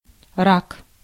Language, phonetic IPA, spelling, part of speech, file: Russian, [rak], рак, noun, Ru-рак.ogg
- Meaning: 1. crawfish, crayfish 2. Cancer 3. cancer (disease of uncontrolled cellular proliferation) 4. genitive plural of ра́ка (ráka)